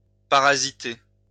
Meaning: to parasitize
- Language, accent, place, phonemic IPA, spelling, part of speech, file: French, France, Lyon, /pa.ʁa.zi.te/, parasiter, verb, LL-Q150 (fra)-parasiter.wav